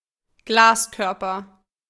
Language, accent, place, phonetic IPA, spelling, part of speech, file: German, Germany, Berlin, [ˈɡlaːsˌkœʁpɐ], Glaskörper, noun, De-Glaskörper.ogg
- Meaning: vitreous humour, vitreous body